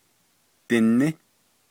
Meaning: second-person singular imperfective of ní
- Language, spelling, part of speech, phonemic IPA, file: Navajo, diní, verb, /tɪ̀nɪ́/, Nv-diní.ogg